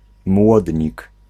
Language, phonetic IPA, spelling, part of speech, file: Polish, [ˈmwɔdʲɲik], młodnik, noun, Pl-młodnik.ogg